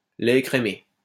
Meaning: skim milk
- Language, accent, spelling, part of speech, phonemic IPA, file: French, France, lait écrémé, noun, /lɛ e.kʁe.me/, LL-Q150 (fra)-lait écrémé.wav